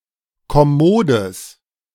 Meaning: strong/mixed nominative/accusative neuter singular of kommod
- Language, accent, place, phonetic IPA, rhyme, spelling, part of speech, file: German, Germany, Berlin, [kɔˈmoːdəs], -oːdəs, kommodes, adjective, De-kommodes.ogg